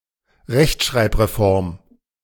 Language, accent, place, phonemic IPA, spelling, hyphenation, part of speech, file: German, Germany, Berlin, /ʁɛçt͡ʃʁaɪ̆pʁeˈfɔʁm/, Rechtschreibreform, Recht‧schreib‧re‧form, noun, De-Rechtschreibreform.ogg
- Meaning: spelling reform